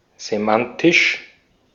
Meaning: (adjective) semantic; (adverb) semantically
- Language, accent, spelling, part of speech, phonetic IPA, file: German, Austria, semantisch, adjective / adverb, [zeˈmantɪʃ], De-at-semantisch.ogg